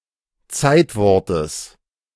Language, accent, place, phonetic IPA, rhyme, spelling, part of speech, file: German, Germany, Berlin, [ˈt͡saɪ̯tˌvɔʁtəs], -aɪ̯tvɔʁtəs, Zeitwortes, noun, De-Zeitwortes.ogg
- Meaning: genitive singular of Zeitwort